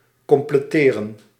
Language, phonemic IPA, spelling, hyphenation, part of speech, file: Dutch, /ˌkɔm.pleːˈteː.rə(n)/, completeren, com‧ple‧te‧ren, verb, Nl-completeren.ogg
- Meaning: 1. to complete, to make complete, to finish 2. to fill or add to its usual or required amount, to make complete